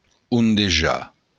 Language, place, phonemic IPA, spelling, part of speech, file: Occitan, Béarn, /undeˈ(d)ʒa/, ondejar, verb, LL-Q14185 (oci)-ondejar.wav
- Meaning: to float about